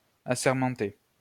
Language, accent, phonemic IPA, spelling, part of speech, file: French, France, /a.sɛʁ.mɑ̃.te/, assermenter, verb, LL-Q150 (fra)-assermenter.wav
- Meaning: to swear in